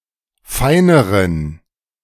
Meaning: inflection of fein: 1. strong genitive masculine/neuter singular comparative degree 2. weak/mixed genitive/dative all-gender singular comparative degree
- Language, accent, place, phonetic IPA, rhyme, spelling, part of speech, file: German, Germany, Berlin, [ˈfaɪ̯nəʁən], -aɪ̯nəʁən, feineren, adjective, De-feineren.ogg